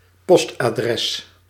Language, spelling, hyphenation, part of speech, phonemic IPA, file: Dutch, postadres, post‧adres, noun, /ˈpɔst.aːˌdrɛs/, Nl-postadres.ogg
- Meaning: postal address